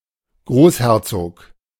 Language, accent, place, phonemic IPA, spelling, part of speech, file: German, Germany, Berlin, /ˈɡʁoːsˌhɛʁt͡soːk/, Großherzog, noun, De-Großherzog.ogg
- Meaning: grand duke